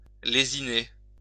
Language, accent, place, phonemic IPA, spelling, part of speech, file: French, France, Lyon, /le.zi.ne/, lésiner, verb, LL-Q150 (fra)-lésiner.wav
- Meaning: to skimp, to overly limit one's spending, to be frugal to an excessive degree